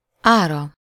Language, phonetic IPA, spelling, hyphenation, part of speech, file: Hungarian, [ˈaːrɒ], ára, ára, noun, Hu-ára.ogg
- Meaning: third-person singular single-possession possessive of ár